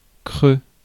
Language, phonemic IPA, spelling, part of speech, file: French, /kʁø/, creux, adjective, Fr-creux.ogg
- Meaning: 1. hollow 2. off-peak